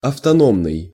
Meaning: autonomous
- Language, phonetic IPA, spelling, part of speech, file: Russian, [ɐftɐˈnomnɨj], автономный, adjective, Ru-автономный.ogg